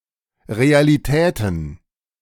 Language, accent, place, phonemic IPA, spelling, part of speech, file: German, Germany, Berlin, /ˌʁea̯liˈtɛːtən/, Realitäten, noun, De-Realitäten.ogg
- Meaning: plural of Realität